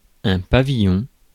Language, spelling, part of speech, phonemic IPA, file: French, pavillon, noun, /pa.vi.jɔ̃/, Fr-pavillon.ogg
- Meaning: 1. pavilion (tent, structure, ear part) 2. ensign, flag (nautical flag) 3. house, villa, lodge 4. bell (part of brass instrument) 5. pavilion 6. colours